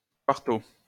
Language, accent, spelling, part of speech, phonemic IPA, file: French, France, 4o, adverb, /kwaʁ.to/, LL-Q150 (fra)-4o.wav
- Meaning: 4th (abbreviation of quarto)